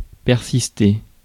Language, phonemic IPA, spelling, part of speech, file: French, /pɛʁ.sis.te/, persister, verb, Fr-persister.ogg
- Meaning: to persist